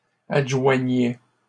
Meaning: first/second-person singular imperfect indicative of adjoindre
- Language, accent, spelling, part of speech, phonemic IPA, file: French, Canada, adjoignais, verb, /ad.ʒwa.ɲɛ/, LL-Q150 (fra)-adjoignais.wav